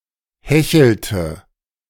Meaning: inflection of hecheln: 1. first/third-person singular preterite 2. first/third-person singular subjunctive II
- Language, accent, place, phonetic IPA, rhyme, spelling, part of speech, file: German, Germany, Berlin, [ˈhɛçl̩tə], -ɛçl̩tə, hechelte, verb, De-hechelte.ogg